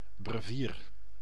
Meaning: 1. breviary (liturgical book for use at canonical hours) 2. brevier
- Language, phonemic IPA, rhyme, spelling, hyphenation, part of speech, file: Dutch, /brəˈviːr/, -iːr, brevier, bre‧vier, noun, Nl-brevier.ogg